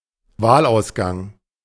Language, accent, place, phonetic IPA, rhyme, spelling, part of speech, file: German, Germany, Berlin, [ˈvaːlʔaʊ̯sˌɡaŋ], -aːlʔaʊ̯sɡaŋ, Wahlausgang, noun, De-Wahlausgang.ogg
- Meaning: election result